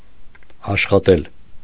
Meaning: 1. to work; to work (on, at); to toil, to labour 2. to work, to be employed at 3. to work, to run; to operate, to function (of an appliance) 4. to earn 5. to try, to seek
- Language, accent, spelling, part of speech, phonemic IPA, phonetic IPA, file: Armenian, Eastern Armenian, աշխատել, verb, /ɑʃχɑˈtel/, [ɑʃχɑtél], Hy-աշխատել .ogg